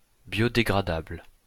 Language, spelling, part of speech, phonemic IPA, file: French, biodégradable, adjective, /bjɔ.de.ɡʁa.dabl/, LL-Q150 (fra)-biodégradable.wav
- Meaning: biodegradable